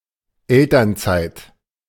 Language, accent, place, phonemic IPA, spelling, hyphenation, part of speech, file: German, Germany, Berlin, /ˈɛltɐnˌt͡saɪ̯t/, Elternzeit, El‧tern‧zeit, noun, De-Elternzeit.ogg
- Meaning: parental leave